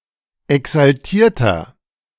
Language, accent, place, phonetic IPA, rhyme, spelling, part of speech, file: German, Germany, Berlin, [ɛksalˈtiːɐ̯tɐ], -iːɐ̯tɐ, exaltierter, adjective, De-exaltierter.ogg
- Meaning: 1. comparative degree of exaltiert 2. inflection of exaltiert: strong/mixed nominative masculine singular 3. inflection of exaltiert: strong genitive/dative feminine singular